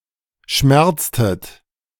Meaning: inflection of schmerzen: 1. second-person plural preterite 2. second-person plural subjunctive II
- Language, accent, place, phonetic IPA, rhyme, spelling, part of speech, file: German, Germany, Berlin, [ˈʃmɛʁt͡stət], -ɛʁt͡stət, schmerztet, verb, De-schmerztet.ogg